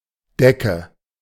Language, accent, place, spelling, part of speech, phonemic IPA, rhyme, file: German, Germany, Berlin, Decke, noun, /ˈdɛkə/, -ɛkə, De-Decke.ogg
- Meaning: 1. any cloth or cushion used as a covering; a tablecloth, blanket, quilt, duvet, etc 2. ceiling (surface at the upper limit of a room or cavity) 3. nominative/accusative/genitive plural of Deck